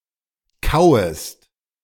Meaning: second-person singular subjunctive I of kauen
- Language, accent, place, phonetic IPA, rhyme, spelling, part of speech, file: German, Germany, Berlin, [ˈkaʊ̯əst], -aʊ̯əst, kauest, verb, De-kauest.ogg